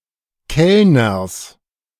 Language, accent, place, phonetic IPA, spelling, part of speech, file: German, Germany, Berlin, [ˈkɛlnɐs], Kellners, noun, De-Kellners.ogg
- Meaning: genitive singular of Kellner